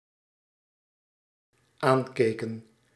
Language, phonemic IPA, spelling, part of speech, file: Dutch, /ˈaɲkekə(n)/, aankeken, verb, Nl-aankeken.ogg
- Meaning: inflection of aankijken: 1. plural dependent-clause past indicative 2. plural dependent-clause past subjunctive